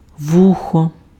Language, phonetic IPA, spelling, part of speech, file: Ukrainian, [ˈwuxɔ], вухо, noun, Uk-вухо.ogg
- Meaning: ear